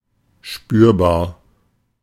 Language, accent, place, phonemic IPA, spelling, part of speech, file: German, Germany, Berlin, /ʃpyːɐ̯baːɐ̯/, spürbar, adjective, De-spürbar.ogg
- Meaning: noticeable